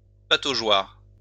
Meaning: paddling pool, wading pool
- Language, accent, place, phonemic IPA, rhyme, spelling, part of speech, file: French, France, Lyon, /pa.to.ʒwaʁ/, -waʁ, pataugeoire, noun, LL-Q150 (fra)-pataugeoire.wav